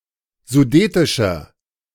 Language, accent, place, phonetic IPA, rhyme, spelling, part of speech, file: German, Germany, Berlin, [zuˈdeːtɪʃɐ], -eːtɪʃɐ, sudetischer, adjective, De-sudetischer.ogg
- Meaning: inflection of sudetisch: 1. strong/mixed nominative masculine singular 2. strong genitive/dative feminine singular 3. strong genitive plural